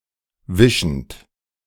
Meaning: present participle of wischen
- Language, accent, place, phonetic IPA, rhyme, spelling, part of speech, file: German, Germany, Berlin, [ˈvɪʃn̩t], -ɪʃn̩t, wischend, verb, De-wischend.ogg